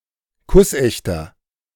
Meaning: 1. comparative degree of kussecht 2. inflection of kussecht: strong/mixed nominative masculine singular 3. inflection of kussecht: strong genitive/dative feminine singular
- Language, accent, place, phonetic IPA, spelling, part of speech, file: German, Germany, Berlin, [ˈkʊsˌʔɛçtɐ], kussechter, adjective, De-kussechter.ogg